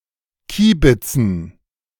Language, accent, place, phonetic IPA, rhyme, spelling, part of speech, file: German, Germany, Berlin, [ˈkiːbɪt͡sn̩], -iːbɪt͡sn̩, Kiebitzen, noun, De-Kiebitzen.ogg
- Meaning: dative plural of Kiebitz